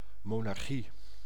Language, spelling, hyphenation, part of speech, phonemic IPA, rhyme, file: Dutch, monarchie, mo‧nar‧chie, noun, /ˌmoː.nɑrˈxi/, -i, Nl-monarchie.ogg
- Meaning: monarchy